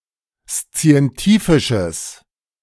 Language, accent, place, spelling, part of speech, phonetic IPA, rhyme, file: German, Germany, Berlin, szientifisches, adjective, [st͡si̯ɛnˈtiːfɪʃəs], -iːfɪʃəs, De-szientifisches.ogg
- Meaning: strong/mixed nominative/accusative neuter singular of szientifisch